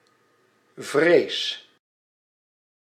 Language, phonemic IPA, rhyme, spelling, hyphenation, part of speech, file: Dutch, /vreːs/, -eːs, vrees, vrees, noun / verb, Nl-vrees.ogg
- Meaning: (noun) fear, apprehension, angst; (verb) inflection of vrezen: 1. first-person singular present indicative 2. second-person singular present indicative 3. imperative